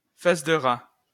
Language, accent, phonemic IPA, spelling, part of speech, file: French, France, /fas də ʁa/, face de rat, noun, LL-Q150 (fra)-face de rat.wav
- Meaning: ratface